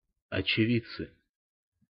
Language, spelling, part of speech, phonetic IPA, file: Russian, очевидцы, noun, [ɐt͡ɕɪˈvʲit͡sːɨ], Ru-очевидцы.ogg
- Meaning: nominative plural of очеви́дец (očevídec)